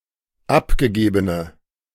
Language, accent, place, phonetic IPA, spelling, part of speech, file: German, Germany, Berlin, [ˈapɡəˌɡeːbənə], abgegebene, adjective, De-abgegebene.ogg
- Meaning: inflection of abgegeben: 1. strong/mixed nominative/accusative feminine singular 2. strong nominative/accusative plural 3. weak nominative all-gender singular